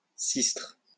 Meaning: sistrum
- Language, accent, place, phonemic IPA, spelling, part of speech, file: French, France, Lyon, /sistʁ/, sistre, noun, LL-Q150 (fra)-sistre.wav